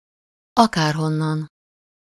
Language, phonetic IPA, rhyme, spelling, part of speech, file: Hungarian, [ˈɒkaːrɦonːɒn], -ɒn, akárhonnan, adverb, Hu-akárhonnan.ogg
- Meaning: from anywhere, from wherever, no matter where from